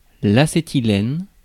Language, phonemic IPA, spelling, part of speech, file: French, /a.se.ti.lɛn/, acétylène, noun, Fr-acétylène.ogg
- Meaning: acetylene